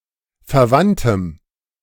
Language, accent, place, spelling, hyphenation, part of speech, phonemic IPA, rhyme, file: German, Germany, Berlin, verwandtem, ver‧wand‧tem, adjective, /fɛɐ̯ˈvan.təm/, -antəm, De-verwandtem.ogg
- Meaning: strong dative masculine/neuter singular of verwandt